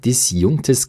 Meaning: strong/mixed nominative/accusative neuter singular of disjunkt
- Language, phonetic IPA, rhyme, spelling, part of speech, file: German, [dɪsˈjʊŋktəs], -ʊŋktəs, disjunktes, adjective, De-disjunktes.ogg